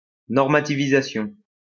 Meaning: normativization
- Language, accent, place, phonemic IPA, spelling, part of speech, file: French, France, Lyon, /nɔʁ.ma.ti.vi.za.sjɔ̃/, normativisation, noun, LL-Q150 (fra)-normativisation.wav